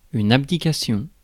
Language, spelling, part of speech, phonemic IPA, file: French, abdication, noun, /ab.di.ka.sjɔ̃/, Fr-abdication.ogg
- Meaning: abdication